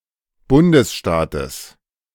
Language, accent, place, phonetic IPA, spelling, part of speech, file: German, Germany, Berlin, [ˈbʊndəsˌʃtaːtəs], Bundesstaates, noun, De-Bundesstaates.ogg
- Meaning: genitive singular of Bundesstaat